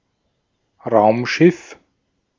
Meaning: spaceship, spacecraft
- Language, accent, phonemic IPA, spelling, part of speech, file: German, Austria, /ˈʁaʊ̯mˌʃɪf/, Raumschiff, noun, De-at-Raumschiff.ogg